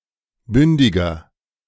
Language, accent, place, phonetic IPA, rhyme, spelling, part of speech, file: German, Germany, Berlin, [ˈbʏndɪɡɐ], -ʏndɪɡɐ, bündiger, adjective, De-bündiger.ogg
- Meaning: 1. comparative degree of bündig 2. inflection of bündig: strong/mixed nominative masculine singular 3. inflection of bündig: strong genitive/dative feminine singular